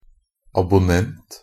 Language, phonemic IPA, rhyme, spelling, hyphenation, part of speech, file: Norwegian Bokmål, /abʊˈnɛnt/, -ɛnt, abonnent, ab‧on‧nent, noun, NB - Pronunciation of Norwegian Bokmål «abonnent».ogg
- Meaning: 1. a subscriber (a person who subscribes to a publication or a service) 2. a person who is happy to sign up (for something) or wants something